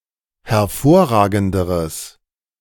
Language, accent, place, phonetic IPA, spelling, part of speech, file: German, Germany, Berlin, [hɛɐ̯ˈfoːɐ̯ˌʁaːɡn̩dəʁəs], hervorragenderes, adjective, De-hervorragenderes.ogg
- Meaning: strong/mixed nominative/accusative neuter singular comparative degree of hervorragend